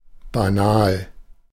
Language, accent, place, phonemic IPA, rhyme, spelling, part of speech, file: German, Germany, Berlin, /baˈnaːl/, -aːl, banal, adjective, De-banal.ogg
- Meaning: banal